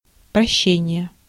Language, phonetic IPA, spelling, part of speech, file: Russian, [prɐˈɕːenʲɪje], прощение, noun, Ru-прощение.ogg
- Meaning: forgiveness, pardon (forgiveness for an offence)